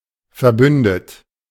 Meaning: 1. past participle of verbünden 2. inflection of verbünden: third-person singular present 3. inflection of verbünden: second-person plural present
- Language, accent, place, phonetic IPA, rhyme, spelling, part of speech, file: German, Germany, Berlin, [fɛɐ̯ˈbʏndət], -ʏndət, verbündet, verb, De-verbündet.ogg